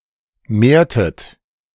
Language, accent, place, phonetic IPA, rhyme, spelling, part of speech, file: German, Germany, Berlin, [ˈmeːɐ̯tət], -eːɐ̯tət, mehrtet, verb, De-mehrtet.ogg
- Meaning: inflection of mehren: 1. second-person plural preterite 2. second-person plural subjunctive II